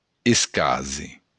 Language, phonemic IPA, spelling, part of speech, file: Occitan, /esˈkaze/, escàser, noun, LL-Q942602-escàser.wav
- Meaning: to happen, occur